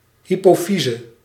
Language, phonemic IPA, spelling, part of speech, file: Dutch, /ˌɦipoːˈfizə/, hypofyse, noun, Nl-hypofyse.ogg
- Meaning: hypophysis, pituitary gland